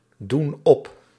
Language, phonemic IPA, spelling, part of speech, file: Dutch, /ˈdun ˈɔp/, doen op, verb, Nl-doen op.ogg
- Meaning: inflection of opdoen: 1. plural present indicative 2. plural present subjunctive